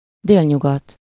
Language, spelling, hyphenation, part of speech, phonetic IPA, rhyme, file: Hungarian, délnyugat, dél‧nyu‧gat, noun, [ˈdeːlɲuɡɒt], -ɒt, Hu-délnyugat.ogg
- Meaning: southwest